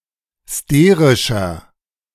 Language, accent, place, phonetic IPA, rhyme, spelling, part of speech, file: German, Germany, Berlin, [ˈsteːʁɪʃɐ], -eːʁɪʃɐ, sterischer, adjective, De-sterischer.ogg
- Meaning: inflection of sterisch: 1. strong/mixed nominative masculine singular 2. strong genitive/dative feminine singular 3. strong genitive plural